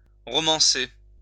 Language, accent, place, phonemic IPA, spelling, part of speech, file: French, France, Lyon, /ʁɔ.mɑ̃.se/, romancer, verb, LL-Q150 (fra)-romancer.wav
- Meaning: to romanticize, fictionalize